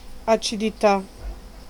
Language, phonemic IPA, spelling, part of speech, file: Italian, /at͡ʃidiˈta/, acidità, noun, It-acidità.ogg